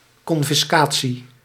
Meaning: confiscation
- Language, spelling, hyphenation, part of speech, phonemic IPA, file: Dutch, confiscatie, con‧fis‧ca‧tie, noun, /ˌkɔn.fɪsˈkaː.(t)si/, Nl-confiscatie.ogg